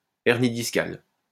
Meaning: slipped disc
- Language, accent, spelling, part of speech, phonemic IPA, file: French, France, hernie discale, noun, /ɛʁ.ni dis.kal/, LL-Q150 (fra)-hernie discale.wav